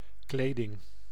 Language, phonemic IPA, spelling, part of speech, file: Dutch, /ˈkleːdɪŋ/, kleding, noun, Nl-kleding.ogg
- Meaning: clothing